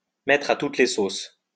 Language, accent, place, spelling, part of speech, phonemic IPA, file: French, France, Lyon, mettre à toutes les sauces, verb, /mɛ.tʁ‿a tut le sos/, LL-Q150 (fra)-mettre à toutes les sauces.wav
- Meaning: 1. to put the same ingredient in every sauce that you make 2. make (something) fit every occasion